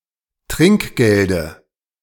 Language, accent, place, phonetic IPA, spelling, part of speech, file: German, Germany, Berlin, [ˈtʁɪŋkˌɡeldə], Trinkgelde, noun, De-Trinkgelde.ogg
- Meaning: dative of Trinkgeld